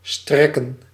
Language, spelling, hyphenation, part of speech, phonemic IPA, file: Dutch, strekken, strek‧ken, verb, /ˈstrɛ.kə(n)/, Nl-strekken.ogg
- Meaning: 1. to stretch, to extend, to reach 2. to reach, to extend, to stretch 3. to serve, to accommodate 4. to serve (someone) with (something) 5. to suffice, to last, to serve, to accommodate